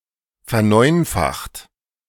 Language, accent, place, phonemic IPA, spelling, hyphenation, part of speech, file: German, Germany, Berlin, /fɛɐ̯ˈnɔɪ̯nfaxt/, verneunfacht, ver‧neun‧facht, verb, De-verneunfacht.ogg
- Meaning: 1. past participle of verneunfachen 2. inflection of verneunfachen: second-person plural present 3. inflection of verneunfachen: third-person singular present